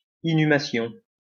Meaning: inhumation
- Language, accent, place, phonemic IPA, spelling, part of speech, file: French, France, Lyon, /i.ny.ma.sjɔ̃/, inhumation, noun, LL-Q150 (fra)-inhumation.wav